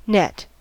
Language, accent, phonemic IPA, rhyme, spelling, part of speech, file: English, US, /nɛt/, -ɛt, net, noun / verb / adjective / adverb, En-us-net.ogg
- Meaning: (noun) 1. A mesh of string, cord or rope 2. A device made from such mesh, used for catching fish, butterflies, etc 3. A device made from such mesh, generally used for trapping something